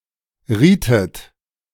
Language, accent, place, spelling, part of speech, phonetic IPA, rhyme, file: German, Germany, Berlin, rietet, verb, [ˈʁiːtət], -iːtət, De-rietet.ogg
- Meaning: inflection of raten: 1. second-person plural preterite 2. second-person plural subjunctive II